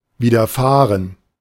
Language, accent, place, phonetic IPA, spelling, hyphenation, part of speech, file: German, Germany, Berlin, [ˌvidɐˈfaːʁən], widerfahren, wi‧der‧fah‧ren, verb, De-widerfahren.ogg
- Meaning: to befall, to happen to